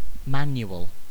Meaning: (noun) 1. Synonym of handbook 2. A booklet that instructs on the usage of a particular machine or product 3. A drill in the use of weapons, etc
- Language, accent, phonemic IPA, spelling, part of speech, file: English, UK, /ˈmæn.j(ʊ)əl/, manual, noun / adjective, En-uk-manual.ogg